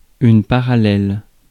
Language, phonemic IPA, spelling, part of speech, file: French, /pa.ʁa.lɛl/, parallèle, adjective / noun, Fr-parallèle.ogg
- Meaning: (adjective) parallel; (noun) 1. parallel line 2. parallel; comparison 3. latitude